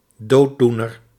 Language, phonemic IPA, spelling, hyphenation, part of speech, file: Dutch, /ˈdoː(t)ˌdu.nər/, dooddoener, dood‧doe‧ner, noun, Nl-dooddoener.ogg
- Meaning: debate stopper, an invalid argument, platitude or a cliché that counteracts serious discussion; a thought-terminating cliché